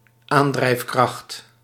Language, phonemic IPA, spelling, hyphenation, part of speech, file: Dutch, /ˈaːn.drɛi̯fˌkrɑxt/, aandrijfkracht, aan‧drijf‧kracht, noun, Nl-aandrijfkracht.ogg
- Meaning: driving force